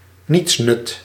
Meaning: good-for-nothing
- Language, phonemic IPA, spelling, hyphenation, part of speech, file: Dutch, /ˈnitsnʏt/, nietsnut, niets‧nut, noun, Nl-nietsnut.ogg